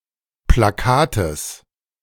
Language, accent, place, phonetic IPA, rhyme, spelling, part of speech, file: German, Germany, Berlin, [plaˈkaːtəs], -aːtəs, Plakates, noun, De-Plakates.ogg
- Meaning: genitive singular of Plakat